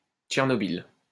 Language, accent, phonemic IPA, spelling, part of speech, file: French, France, /tʃɛʁ.nɔ.bil/, Tchernobyl, proper noun, LL-Q150 (fra)-Tchernobyl.wav
- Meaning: Chernobyl (a city in Ukraine)